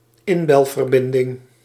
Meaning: dial-up internet connection
- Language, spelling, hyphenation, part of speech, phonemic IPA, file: Dutch, inbelverbinding, in‧bel‧ver‧bin‧ding, noun, /ˈɪn.bɛl.vərˌbɪn.dɪŋ/, Nl-inbelverbinding.ogg